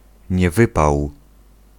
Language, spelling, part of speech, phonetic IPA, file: Polish, niewypał, noun, [ɲɛˈvɨpaw], Pl-niewypał.ogg